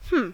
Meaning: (interjection) 1. Indicates thinking or pondering 2. Indicates surprise or cluelessness; especially a response by a person who is questioned or addressed when not expecting it
- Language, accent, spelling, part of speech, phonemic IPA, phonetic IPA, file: English, US, hmm, interjection / verb, /hm̩/, [m̥m̩˦˨], En-us-hmm.ogg